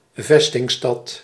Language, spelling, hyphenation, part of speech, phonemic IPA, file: Dutch, vestingstad, ves‧ting‧stad, noun, /ˈvɛs.tɪŋˌstɑt/, Nl-vestingstad.ogg
- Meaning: a fortified town or city